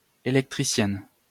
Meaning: female equivalent of électricien
- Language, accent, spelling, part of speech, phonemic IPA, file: French, France, électricienne, noun, /e.lɛk.tʁi.sjɛn/, LL-Q150 (fra)-électricienne.wav